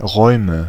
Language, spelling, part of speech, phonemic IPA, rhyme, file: German, Räume, noun, /ˈʁɔɪ̯mə/, -ɔɪ̯mə, De-Räume.ogg
- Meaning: nominative/accusative/genitive plural of Raum